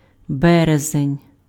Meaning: March
- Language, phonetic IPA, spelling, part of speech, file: Ukrainian, [ˈbɛrezenʲ], березень, noun, Uk-березень.ogg